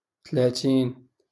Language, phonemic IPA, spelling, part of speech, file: Moroccan Arabic, /tlaː.tiːn/, تلاتين, numeral, LL-Q56426 (ary)-تلاتين.wav
- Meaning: thirty